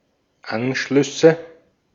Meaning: nominative/accusative/genitive plural of Anschluss
- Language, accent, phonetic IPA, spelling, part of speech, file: German, Austria, [ˈanʃlʏsə], Anschlüsse, noun, De-at-Anschlüsse.ogg